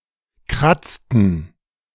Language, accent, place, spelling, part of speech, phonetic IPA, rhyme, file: German, Germany, Berlin, kratzten, verb, [ˈkʁat͡stn̩], -at͡stn̩, De-kratzten.ogg
- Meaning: inflection of kratzen: 1. first/third-person plural preterite 2. first/third-person plural subjunctive II